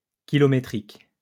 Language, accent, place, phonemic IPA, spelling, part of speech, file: French, France, Lyon, /ki.lɔ.me.tʁik/, kilométrique, adjective, LL-Q150 (fra)-kilométrique.wav
- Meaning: 1. kilometric 2. very long, long as one's arm